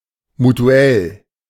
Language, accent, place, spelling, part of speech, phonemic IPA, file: German, Germany, Berlin, mutuell, adjective, /mutuˈɛl/, De-mutuell.ogg
- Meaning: mutual, reciprocal